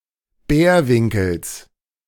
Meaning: genitive singular of Bärwinkel
- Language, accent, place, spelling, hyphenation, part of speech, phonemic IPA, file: German, Germany, Berlin, Bärwinkels, Bär‧win‧kels, noun, /ˈbɛːɐ̯ˌvɪŋkl̩s/, De-Bärwinkels.ogg